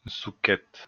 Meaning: a type of courgette
- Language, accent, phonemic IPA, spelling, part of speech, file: French, France, /zu.kɛt/, zuchette, noun, LL-Q150 (fra)-zuchette.wav